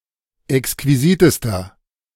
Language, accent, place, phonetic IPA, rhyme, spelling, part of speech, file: German, Germany, Berlin, [ɛkskviˈziːtəstɐ], -iːtəstɐ, exquisitester, adjective, De-exquisitester.ogg
- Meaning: inflection of exquisit: 1. strong/mixed nominative masculine singular superlative degree 2. strong genitive/dative feminine singular superlative degree 3. strong genitive plural superlative degree